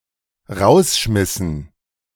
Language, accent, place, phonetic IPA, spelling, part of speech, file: German, Germany, Berlin, [ˈʁaʊ̯sˌʃmɪsn̩], rausschmissen, verb, De-rausschmissen.ogg
- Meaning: inflection of rausschmeißen: 1. first/third-person plural dependent preterite 2. first/third-person plural dependent subjunctive II